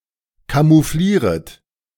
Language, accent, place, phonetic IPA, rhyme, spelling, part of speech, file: German, Germany, Berlin, [kamuˈfliːʁət], -iːʁət, camouflieret, verb, De-camouflieret.ogg
- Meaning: second-person plural subjunctive I of camouflieren